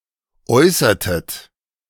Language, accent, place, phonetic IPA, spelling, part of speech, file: German, Germany, Berlin, [ˈɔɪ̯sɐtət], äußertet, verb, De-äußertet.ogg
- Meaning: inflection of äußern: 1. second-person plural preterite 2. second-person plural subjunctive II